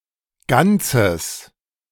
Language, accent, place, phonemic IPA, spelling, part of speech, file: German, Germany, Berlin, /ˈɡantsəs/, Ganzes, noun, De-Ganzes.ogg
- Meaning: whole